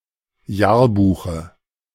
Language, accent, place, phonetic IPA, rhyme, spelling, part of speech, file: German, Germany, Berlin, [ˈjaːɐ̯ˌbuːxə], -aːɐ̯buːxə, Jahrbuche, noun, De-Jahrbuche.ogg
- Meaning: dative singular of Jahrbuch